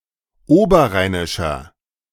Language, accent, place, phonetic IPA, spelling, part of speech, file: German, Germany, Berlin, [ˈoːbɐˌʁaɪ̯nɪʃɐ], oberrheinischer, adjective, De-oberrheinischer.ogg
- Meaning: inflection of oberrheinisch: 1. strong/mixed nominative masculine singular 2. strong genitive/dative feminine singular 3. strong genitive plural